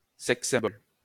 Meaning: sex symbol
- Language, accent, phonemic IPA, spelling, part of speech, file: French, France, /sɛks.sɛ̃.bɔl/, sex-symbol, noun, LL-Q150 (fra)-sex-symbol.wav